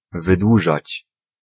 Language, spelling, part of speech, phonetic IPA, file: Polish, wydłużać, verb, [vɨˈdwuʒat͡ɕ], Pl-wydłużać.ogg